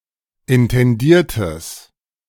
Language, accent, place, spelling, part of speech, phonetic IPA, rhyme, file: German, Germany, Berlin, intendiertes, adjective, [ɪntɛnˈdiːɐ̯təs], -iːɐ̯təs, De-intendiertes.ogg
- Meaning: strong/mixed nominative/accusative neuter singular of intendiert